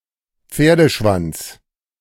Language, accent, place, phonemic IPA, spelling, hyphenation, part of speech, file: German, Germany, Berlin, /ˈpfeːɐ̯dəʃvant͡s/, Pferdeschwanz, Pfer‧de‧schwanz, noun, De-Pferdeschwanz.ogg
- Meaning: 1. tail of a horse, horse tail 2. ponytail 3. Equisetum arvense (rare)